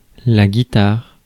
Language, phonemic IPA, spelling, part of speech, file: French, /ɡi.taʁ/, guitare, noun, Fr-guitare.ogg
- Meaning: 1. guitar 2. a leg